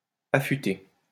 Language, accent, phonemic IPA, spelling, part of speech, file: French, France, /a.fy.te/, affuté, verb, LL-Q150 (fra)-affuté.wav
- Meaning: past participle of affuter